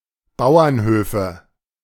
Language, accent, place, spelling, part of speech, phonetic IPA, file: German, Germany, Berlin, Bauernhöfe, noun, [ˈbaʊ̯ɐnˌhøːfə], De-Bauernhöfe.ogg
- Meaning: nominative/accusative/genitive plural of Bauernhof (“farm”)